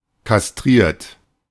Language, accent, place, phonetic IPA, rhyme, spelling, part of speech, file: German, Germany, Berlin, [kasˈtʁiːɐ̯t], -iːɐ̯t, kastriert, adjective / verb, De-kastriert.ogg
- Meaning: 1. past participle of kastrieren 2. inflection of kastrieren: third-person singular present 3. inflection of kastrieren: second-person plural present 4. inflection of kastrieren: plural imperative